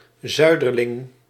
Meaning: southerner, someone living in, coming from or associated with the south of the world, a country etc
- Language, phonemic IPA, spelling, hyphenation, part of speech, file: Dutch, /ˈzœy̯.dər.lɪŋ/, zuiderling, zui‧der‧ling, noun, Nl-zuiderling.ogg